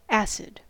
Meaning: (adjective) 1. Sour, sharp, or biting to the taste; tart; having the taste of vinegar 2. Sour-tempered 3. Of or pertaining to an acid; acidic
- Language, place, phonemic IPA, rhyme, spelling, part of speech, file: English, California, /ˈæsɪd/, -æsɪd, acid, adjective / noun, En-us-acid.ogg